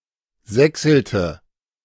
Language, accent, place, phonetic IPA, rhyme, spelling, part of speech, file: German, Germany, Berlin, [ˈzɛksl̩tə], -ɛksl̩tə, sächselte, verb, De-sächselte.ogg
- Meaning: inflection of sächseln: 1. first/third-person singular preterite 2. first/third-person singular subjunctive II